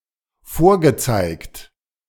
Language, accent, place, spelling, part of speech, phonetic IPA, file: German, Germany, Berlin, vorgezeigt, verb, [ˈfoːɐ̯ɡəˌt͡saɪ̯kt], De-vorgezeigt.ogg
- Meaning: past participle of vorzeigen